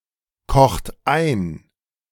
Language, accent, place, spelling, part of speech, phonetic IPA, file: German, Germany, Berlin, kocht ein, verb, [ˌkɔxt ˈaɪ̯n], De-kocht ein.ogg
- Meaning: inflection of einkochen: 1. second-person plural present 2. third-person singular present 3. plural imperative